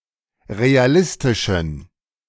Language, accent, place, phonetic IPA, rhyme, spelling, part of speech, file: German, Germany, Berlin, [ʁeaˈlɪstɪʃn̩], -ɪstɪʃn̩, realistischen, adjective, De-realistischen.ogg
- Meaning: inflection of realistisch: 1. strong genitive masculine/neuter singular 2. weak/mixed genitive/dative all-gender singular 3. strong/weak/mixed accusative masculine singular 4. strong dative plural